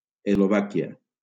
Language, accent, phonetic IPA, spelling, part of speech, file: Catalan, Valencia, [ez.loˈva.ki.a], Eslovàquia, proper noun, LL-Q7026 (cat)-Eslovàquia.wav
- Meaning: Slovakia (a country in Central Europe)